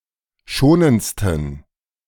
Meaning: 1. superlative degree of schonend 2. inflection of schonend: strong genitive masculine/neuter singular superlative degree
- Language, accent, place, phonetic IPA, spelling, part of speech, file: German, Germany, Berlin, [ˈʃoːnənt͡stn̩], schonendsten, adjective, De-schonendsten.ogg